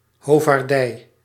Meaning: hubris, haughtiness
- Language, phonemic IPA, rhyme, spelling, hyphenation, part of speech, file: Dutch, /ɦoː.vaːrˈdɛi̯/, -ɛi̯, hovaardij, ho‧vaar‧dij, noun, Nl-hovaardij.ogg